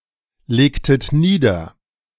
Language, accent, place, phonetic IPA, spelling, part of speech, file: German, Germany, Berlin, [ˌleːktət ˈniːdɐ], legtet nieder, verb, De-legtet nieder.ogg
- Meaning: inflection of niederlegen: 1. second-person plural preterite 2. second-person plural subjunctive II